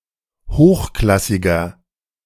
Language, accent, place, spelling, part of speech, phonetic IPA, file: German, Germany, Berlin, hochklassiger, adjective, [ˈhoːxˌklasɪɡɐ], De-hochklassiger.ogg
- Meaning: 1. comparative degree of hochklassig 2. inflection of hochklassig: strong/mixed nominative masculine singular 3. inflection of hochklassig: strong genitive/dative feminine singular